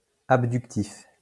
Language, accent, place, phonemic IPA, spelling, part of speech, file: French, France, Lyon, /ab.dyk.tif/, abductif, adjective, LL-Q150 (fra)-abductif.wav
- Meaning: abductive